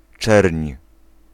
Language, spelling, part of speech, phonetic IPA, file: Polish, czerń, noun, [t͡ʃɛrʲɲ], Pl-czerń.ogg